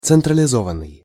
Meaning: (verb) past passive participle of централизова́ть (centralizovátʹ); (adjective) centralized
- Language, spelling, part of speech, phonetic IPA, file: Russian, централизованный, verb / adjective, [t͡sɨntrəlʲɪˈzovən(ː)ɨj], Ru-централизованный.ogg